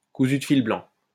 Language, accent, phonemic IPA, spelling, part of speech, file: French, France, /ku.zy d(ə) fil blɑ̃/, cousu de fil blanc, adjective, LL-Q150 (fra)-cousu de fil blanc.wav
- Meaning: blatantly obvious, poorly concealed (e.g a lie, or the plot of a story)